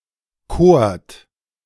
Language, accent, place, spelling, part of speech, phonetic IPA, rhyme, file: German, Germany, Berlin, kort, verb, [koːɐ̯t], -oːɐ̯t, De-kort.ogg
- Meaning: 1. second-person plural preterite of kiesen 2. second-person plural preterite of küren